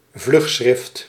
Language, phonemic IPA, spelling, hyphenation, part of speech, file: Dutch, /ˈvlʏx.sxrɪft/, vlugschrift, vlug‧schrift, noun, Nl-vlugschrift.ogg
- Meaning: pamphlet relating to current events